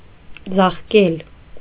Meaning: 1. to beat with a rod 2. to beat wool with a rod to make it soft
- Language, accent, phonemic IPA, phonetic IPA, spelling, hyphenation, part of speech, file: Armenian, Eastern Armenian, /d͡zɑχˈkel/, [d͡zɑχkél], ձաղկել, ձաղ‧կել, verb, Hy-ձաղկել.ogg